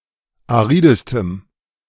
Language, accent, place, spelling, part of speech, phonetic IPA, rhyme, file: German, Germany, Berlin, aridestem, adjective, [aˈʁiːdəstəm], -iːdəstəm, De-aridestem.ogg
- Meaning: strong dative masculine/neuter singular superlative degree of arid